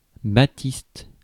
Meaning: baptist; Baptist
- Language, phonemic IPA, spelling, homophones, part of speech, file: French, /ba.tist/, baptiste, batiste, noun, Fr-baptiste.ogg